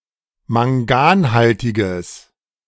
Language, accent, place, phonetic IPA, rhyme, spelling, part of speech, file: German, Germany, Berlin, [maŋˈɡaːnˌhaltɪɡəs], -aːnhaltɪɡəs, manganhaltiges, adjective, De-manganhaltiges.ogg
- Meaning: strong/mixed nominative/accusative neuter singular of manganhaltig